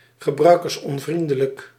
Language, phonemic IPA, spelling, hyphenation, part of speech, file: Dutch, /ɣəˌbrœy̯.kərs.ɔnˈvrin.də.lək/, gebruikersonvriendelijk, ge‧brui‧kers‧on‧vrien‧de‧lijk, adjective, Nl-gebruikersonvriendelijk.ogg
- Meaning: user-unfriendly